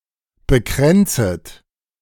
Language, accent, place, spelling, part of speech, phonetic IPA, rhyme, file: German, Germany, Berlin, bekränzet, verb, [bəˈkʁɛnt͡sət], -ɛnt͡sət, De-bekränzet.ogg
- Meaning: second-person plural subjunctive I of bekränzen